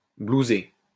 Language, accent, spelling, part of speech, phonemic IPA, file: French, France, blouser, verb, /blu.ze/, LL-Q150 (fra)-blouser.wav
- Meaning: 1. to bilk; to con 2. to blouse, to billow like a blouse 3. to transfer into the billiards hole (blouse)